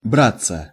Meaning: 1. to take something with hands, to take (mutually, together) (e.g. each other's hands) 2. to set about; to undertake 3. to appear, to emerge 4. passive of брать (bratʹ)
- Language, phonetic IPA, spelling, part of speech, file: Russian, [ˈbrat͡sːə], браться, verb, Ru-браться.ogg